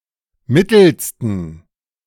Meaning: 1. superlative degree of mittel 2. inflection of mittel: strong genitive masculine/neuter singular superlative degree
- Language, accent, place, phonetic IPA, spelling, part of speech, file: German, Germany, Berlin, [ˈmɪtl̩stn̩], mittelsten, adjective, De-mittelsten.ogg